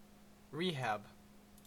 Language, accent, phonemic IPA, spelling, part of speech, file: English, Canada, /ˈɹiːhæb/, rehab, noun / verb, En-ca-rehab.ogg
- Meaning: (noun) 1. Rehabilitation, especially to treat the use of recreational drugs 2. An institution for rehabilitation